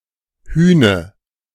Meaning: 1. giant, hulk (tall man, typically also muscular) 2. giant
- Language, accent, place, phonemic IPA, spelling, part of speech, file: German, Germany, Berlin, /ˈhyːnə/, Hüne, noun, De-Hüne.ogg